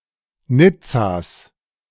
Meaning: genitive of Nizza
- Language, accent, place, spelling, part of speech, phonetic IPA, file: German, Germany, Berlin, Nizzas, noun, [ˈnɪt͡saːs], De-Nizzas.ogg